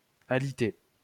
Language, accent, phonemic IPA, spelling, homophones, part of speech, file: French, France, /a.li.te/, aliter, alitai / alité / alitée / alitées / alités / alitez, verb, LL-Q150 (fra)-aliter.wav
- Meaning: 1. to be bedridden 2. to cause to become bedridden